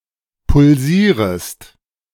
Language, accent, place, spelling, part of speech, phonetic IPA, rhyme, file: German, Germany, Berlin, pulsierest, verb, [pʊlˈziːʁəst], -iːʁəst, De-pulsierest.ogg
- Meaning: second-person singular subjunctive I of pulsieren